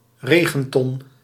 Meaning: rain barrel
- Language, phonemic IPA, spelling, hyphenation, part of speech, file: Dutch, /ˈreːɣə(n)tɔn/, regenton, re‧gen‧ton, noun, Nl-regenton.ogg